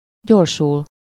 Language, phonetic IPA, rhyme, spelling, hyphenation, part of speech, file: Hungarian, [ˈɟorʃul], -ul, gyorsul, gyor‧sul, verb, Hu-gyorsul.ogg
- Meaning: to accelerate (to become faster)